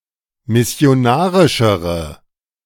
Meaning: inflection of missionarisch: 1. strong/mixed nominative/accusative feminine singular comparative degree 2. strong nominative/accusative plural comparative degree
- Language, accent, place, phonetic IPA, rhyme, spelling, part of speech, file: German, Germany, Berlin, [mɪsi̯oˈnaːʁɪʃəʁə], -aːʁɪʃəʁə, missionarischere, adjective, De-missionarischere.ogg